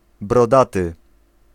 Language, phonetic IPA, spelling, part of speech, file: Polish, [brɔˈdatɨ], brodaty, adjective, Pl-brodaty.ogg